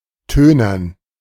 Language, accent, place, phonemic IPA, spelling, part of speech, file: German, Germany, Berlin, /ˈtøːnɐn/, tönern, adjective, De-tönern.ogg
- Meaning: clay; earthen